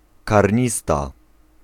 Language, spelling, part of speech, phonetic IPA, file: Polish, karnista, noun, [karʲˈɲista], Pl-karnista.ogg